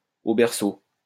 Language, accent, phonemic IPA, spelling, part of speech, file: French, France, /o bɛʁ.so/, au berceau, adverb, LL-Q150 (fra)-au berceau.wav
- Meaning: in (its) infancy, at an early stage